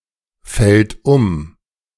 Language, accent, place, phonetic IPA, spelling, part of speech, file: German, Germany, Berlin, [ˌfɛlt ˈʊm], fällt um, verb, De-fällt um.ogg
- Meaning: third-person singular present of umfallen